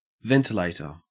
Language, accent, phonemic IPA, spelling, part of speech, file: English, Australia, /ˈvɛntɪleɪtə/, ventilator, noun, En-au-ventilator.ogg
- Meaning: 1. A device that circulates fresh air and expels stale or noxious air 2. A machine that moves breathable air into and out of the lungs of a patient who is unable to breathe sufficiently